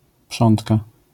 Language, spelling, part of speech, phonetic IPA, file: Polish, prządka, noun, [ˈpʃɔ̃ntka], LL-Q809 (pol)-prządka.wav